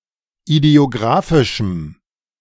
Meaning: strong dative masculine/neuter singular of idiographisch
- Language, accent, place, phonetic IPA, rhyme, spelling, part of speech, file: German, Germany, Berlin, [idi̯oˈɡʁaːfɪʃm̩], -aːfɪʃm̩, idiographischem, adjective, De-idiographischem.ogg